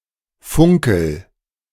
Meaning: inflection of funkeln: 1. first-person singular present 2. singular imperative
- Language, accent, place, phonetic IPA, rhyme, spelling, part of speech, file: German, Germany, Berlin, [ˈfʊŋkl̩], -ʊŋkl̩, funkel, verb, De-funkel.ogg